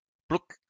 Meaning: 1. hick, country bumpkin, yokel 2. rube
- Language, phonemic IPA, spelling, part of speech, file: French, /pluk/, plouc, noun, LL-Q150 (fra)-plouc.wav